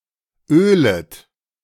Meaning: second-person plural subjunctive I of ölen
- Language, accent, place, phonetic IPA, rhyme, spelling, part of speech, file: German, Germany, Berlin, [ˈøːlət], -øːlət, ölet, verb, De-ölet.ogg